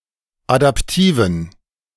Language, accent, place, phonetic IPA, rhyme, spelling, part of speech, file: German, Germany, Berlin, [adapˈtiːvn̩], -iːvn̩, adaptiven, adjective, De-adaptiven.ogg
- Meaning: inflection of adaptiv: 1. strong genitive masculine/neuter singular 2. weak/mixed genitive/dative all-gender singular 3. strong/weak/mixed accusative masculine singular 4. strong dative plural